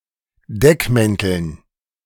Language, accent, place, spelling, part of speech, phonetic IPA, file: German, Germany, Berlin, Deckmänteln, noun, [ˈdɛkˌmɛntl̩n], De-Deckmänteln.ogg
- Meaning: dative plural of Deckmantel